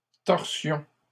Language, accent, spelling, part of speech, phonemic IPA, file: French, Canada, torsion, noun, /tɔʁ.sjɔ̃/, LL-Q150 (fra)-torsion.wav
- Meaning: torsion; act of turning or twisting